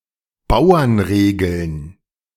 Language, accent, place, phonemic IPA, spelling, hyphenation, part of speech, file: German, Germany, Berlin, /ˈbaʊ̯ɐnˌʁeːɡl̩n/, Bauernregeln, Bau‧ern‧re‧geln, noun, De-Bauernregeln.ogg
- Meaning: plural of Bauernregel